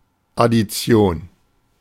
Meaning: 1. addition 2. addition reaction
- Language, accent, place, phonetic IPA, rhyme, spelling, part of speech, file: German, Germany, Berlin, [ˌadiˈt͡si̯oːn], -oːn, Addition, noun, De-Addition.ogg